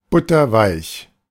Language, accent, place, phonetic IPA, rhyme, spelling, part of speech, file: German, Germany, Berlin, [ˈbʊtɐˈvaɪ̯ç], -aɪ̯ç, butterweich, adjective, De-butterweich.ogg
- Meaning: 1. butter-soft 2. gentle